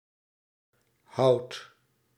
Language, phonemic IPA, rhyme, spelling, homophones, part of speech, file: Dutch, /ɦɑu̯t/, -ɑu̯t, houd, houdt / hout, verb, Nl-houd.ogg
- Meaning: inflection of houden: 1. first-person singular present indicative 2. second-person singular present indicative 3. imperative